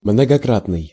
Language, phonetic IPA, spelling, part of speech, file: Russian, [mnəɡɐˈkratnɨj], многократный, adjective, Ru-многократный.ogg
- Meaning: 1. multifold, multiple 2. iterative, frequentative